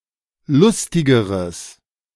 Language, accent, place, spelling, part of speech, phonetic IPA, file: German, Germany, Berlin, lustigeres, adjective, [ˈlʊstɪɡəʁəs], De-lustigeres.ogg
- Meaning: strong/mixed nominative/accusative neuter singular comparative degree of lustig